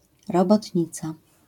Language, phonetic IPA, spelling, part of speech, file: Polish, [ˌrɔbɔtʲˈɲit͡sa], robotnica, noun, LL-Q809 (pol)-robotnica.wav